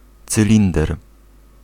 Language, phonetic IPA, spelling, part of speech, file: Polish, [t͡sɨˈlʲĩndɛr], cylinder, noun, Pl-cylinder.ogg